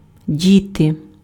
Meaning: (noun) 1. plural of дити́на (dytýna) 2. children; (verb) 1. to put, to place 2. to do with 3. to leave, to mislay
- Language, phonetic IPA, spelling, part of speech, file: Ukrainian, [ˈdʲite], діти, noun / verb, Uk-діти.ogg